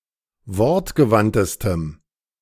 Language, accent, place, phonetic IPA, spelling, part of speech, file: German, Germany, Berlin, [ˈvɔʁtɡəˌvantəstəm], wortgewandtestem, adjective, De-wortgewandtestem.ogg
- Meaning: strong dative masculine/neuter singular superlative degree of wortgewandt